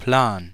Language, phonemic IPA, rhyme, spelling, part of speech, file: German, /plaːn/, -aːn, Plan, noun, De-Plan.ogg
- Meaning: 1. project 2. plan (way of procedure) 3. technical drawing or diagram 4. detailed map 5. idea, clue (insight or understanding) 6. plot 7. plain, field 8. battleground, arena